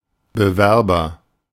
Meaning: applicant (one who applies)
- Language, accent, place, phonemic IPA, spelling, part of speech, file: German, Germany, Berlin, /bəˈvɛʁbɐ/, Bewerber, noun, De-Bewerber.ogg